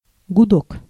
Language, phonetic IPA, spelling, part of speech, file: Russian, [ɡʊˈdok], гудок, noun, Ru-гудок.ogg
- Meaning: 1. hooter; choo; toot; siren; honk; whistle (a sound which calls attention to a ship, train, factory, car, etc.) 2. gudok (an ancient Russian musical instrument)